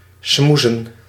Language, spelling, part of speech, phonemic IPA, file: Dutch, smoezen, verb / noun, /ˈsmuzə(n)/, Nl-smoezen.ogg
- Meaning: to schmooze, talk softly, murmur, whisper